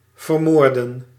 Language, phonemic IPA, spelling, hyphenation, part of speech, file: Dutch, /vərˈmoːr.də(n)/, vermoorden, ver‧moor‧den, verb, Nl-vermoorden.ogg
- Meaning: to murder